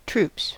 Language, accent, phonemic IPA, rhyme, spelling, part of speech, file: English, US, /tɹuːps/, -uːps, troops, noun / verb, En-us-troops.ogg
- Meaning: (noun) 1. plural of troop 2. Military personnel in uniform; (verb) third-person singular simple present indicative of troop